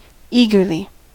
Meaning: In an eager manner
- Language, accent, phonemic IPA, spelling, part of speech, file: English, US, /ˈiɡɚli/, eagerly, adverb, En-us-eagerly.ogg